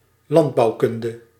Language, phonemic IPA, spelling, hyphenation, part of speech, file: Dutch, /ˈlɑnt.bɑu̯ˌkʏn.də/, landbouwkunde, land‧bouw‧kun‧de, noun, Nl-landbouwkunde.ogg
- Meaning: agronomy